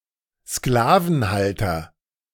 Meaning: slaveholder (male or of unspecified gender)
- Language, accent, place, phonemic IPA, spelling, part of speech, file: German, Germany, Berlin, /ˈsklaːvn̩ˌhaltɐ/, Sklavenhalter, noun, De-Sklavenhalter.ogg